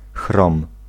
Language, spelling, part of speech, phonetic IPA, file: Polish, chrom, noun, [xrɔ̃m], Pl-chrom.ogg